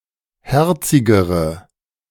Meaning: inflection of herzig: 1. strong/mixed nominative/accusative feminine singular comparative degree 2. strong nominative/accusative plural comparative degree
- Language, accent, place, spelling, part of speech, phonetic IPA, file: German, Germany, Berlin, herzigere, adjective, [ˈhɛʁt͡sɪɡəʁə], De-herzigere.ogg